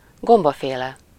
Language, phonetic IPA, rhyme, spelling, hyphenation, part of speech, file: Hungarian, [ˈɡombɒfeːlɛ], -lɛ, gombaféle, gom‧ba‧fé‧le, noun, Hu-gombaféle.ogg
- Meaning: fungus